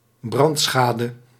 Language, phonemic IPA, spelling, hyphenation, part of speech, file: Dutch, /ˈbrɑntˌsxaː.də/, brandschade, brand‧scha‧de, noun, Nl-brandschade.ogg
- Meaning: damage caused by fire, fire damage